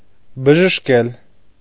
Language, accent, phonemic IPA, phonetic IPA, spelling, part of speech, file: Armenian, Eastern Armenian, /bəʒəʃˈkel/, [bəʒəʃkél], բժշկել, verb, Hy-բժշկել.ogg
- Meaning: to cure, heal